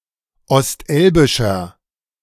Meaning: inflection of ostelbisch: 1. strong/mixed nominative masculine singular 2. strong genitive/dative feminine singular 3. strong genitive plural
- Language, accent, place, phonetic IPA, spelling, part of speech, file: German, Germany, Berlin, [ɔstˈʔɛlbɪʃɐ], ostelbischer, adjective, De-ostelbischer.ogg